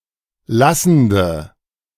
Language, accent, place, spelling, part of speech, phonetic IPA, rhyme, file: German, Germany, Berlin, lassende, adjective, [ˈlasn̩də], -asn̩də, De-lassende.ogg
- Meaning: inflection of lassend: 1. strong/mixed nominative/accusative feminine singular 2. strong nominative/accusative plural 3. weak nominative all-gender singular 4. weak accusative feminine/neuter singular